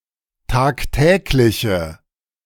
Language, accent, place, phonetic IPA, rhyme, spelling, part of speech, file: German, Germany, Berlin, [ˌtaːkˈtɛːklɪçə], -ɛːklɪçə, tagtägliche, adjective, De-tagtägliche.ogg
- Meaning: inflection of tagtäglich: 1. strong/mixed nominative/accusative feminine singular 2. strong nominative/accusative plural 3. weak nominative all-gender singular